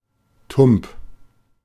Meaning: simple-minded; naive; oafish
- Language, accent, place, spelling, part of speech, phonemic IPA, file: German, Germany, Berlin, tumb, adjective, /tʊmp/, De-tumb.ogg